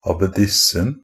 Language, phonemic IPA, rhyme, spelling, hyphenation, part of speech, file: Norwegian Bokmål, /ɑbeˈdɪsn̩/, -ɪsn̩, abbedissen, ab‧be‧dis‧sen, noun, NB - Pronunciation of Norwegian Bokmål «abbedissen».ogg
- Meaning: definite masculine singular of abbedisse